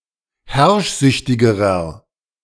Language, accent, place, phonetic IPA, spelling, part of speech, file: German, Germany, Berlin, [ˈhɛʁʃˌzʏçtɪɡəʁɐ], herrschsüchtigerer, adjective, De-herrschsüchtigerer.ogg
- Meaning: inflection of herrschsüchtig: 1. strong/mixed nominative masculine singular comparative degree 2. strong genitive/dative feminine singular comparative degree